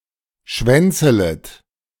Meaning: second-person plural subjunctive I of schwänzeln
- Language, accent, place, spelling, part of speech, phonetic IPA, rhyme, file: German, Germany, Berlin, schwänzelet, verb, [ˈʃvɛnt͡sələt], -ɛnt͡sələt, De-schwänzelet.ogg